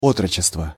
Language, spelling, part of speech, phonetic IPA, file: Russian, отрочество, noun, [ˈotrət͡ɕɪstvə], Ru-отрочество.ogg
- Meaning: boyhood, adolescence